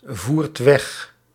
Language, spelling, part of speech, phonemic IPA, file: Dutch, voert weg, verb, /ˈvuːrt ˈwɛx/, Nl-voert weg.ogg
- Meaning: inflection of wegvoeren: 1. second/third-person singular present indicative 2. plural imperative